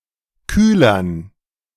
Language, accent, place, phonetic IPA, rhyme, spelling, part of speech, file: German, Germany, Berlin, [ˈkyːlɐn], -yːlɐn, Kühlern, noun, De-Kühlern.ogg
- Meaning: dative plural of Kühler